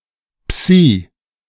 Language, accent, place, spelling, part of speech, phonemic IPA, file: German, Germany, Berlin, Psi, noun, /psiː/, De-Psi.ogg
- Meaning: psi (Greek letter)